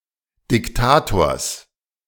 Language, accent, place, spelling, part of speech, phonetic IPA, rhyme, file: German, Germany, Berlin, Diktators, noun, [dɪkˈtaːtoːɐ̯s], -aːtoːɐ̯s, De-Diktators.ogg
- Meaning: genitive singular of Diktator